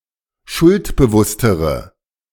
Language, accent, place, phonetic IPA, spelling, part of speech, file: German, Germany, Berlin, [ˈʃʊltbəˌvʊstəʁə], schuldbewusstere, adjective, De-schuldbewusstere.ogg
- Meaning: inflection of schuldbewusst: 1. strong/mixed nominative/accusative feminine singular comparative degree 2. strong nominative/accusative plural comparative degree